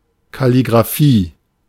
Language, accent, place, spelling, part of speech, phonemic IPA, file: German, Germany, Berlin, Kalligraphie, noun, /ˌkaliɡʁaˈfiː/, De-Kalligraphie.ogg
- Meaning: calligraphy (art of writing with decorative strokes)